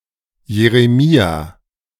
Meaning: Jeremiah. Given name form: Jeremias
- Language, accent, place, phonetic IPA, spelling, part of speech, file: German, Germany, Berlin, [jeʁeˈmiːa], Jeremia, proper noun, De-Jeremia.ogg